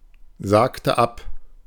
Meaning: inflection of absagen: 1. first/third-person singular preterite 2. first/third-person singular subjunctive II
- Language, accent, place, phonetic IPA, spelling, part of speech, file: German, Germany, Berlin, [ˌzaːktə ˈap], sagte ab, verb, De-sagte ab.ogg